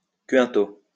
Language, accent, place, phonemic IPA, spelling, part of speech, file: French, France, Lyon, /kɛ̃.to/, 5o, adverb, LL-Q150 (fra)-5o.wav
- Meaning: 5th (abbreviation of quinto)